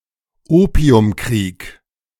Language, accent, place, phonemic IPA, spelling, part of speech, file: German, Germany, Berlin, /ˈoːpi̯ʊmˌkʁiːk/, Opiumkrieg, noun, De-Opiumkrieg.ogg
- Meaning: Opium War (referring to either the First or Second Opium War)